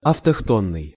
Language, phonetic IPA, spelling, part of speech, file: Russian, [ɐftɐxˈtonːɨj], автохтонный, adjective, Ru-автохтонный.ogg
- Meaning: aboriginal, indigenous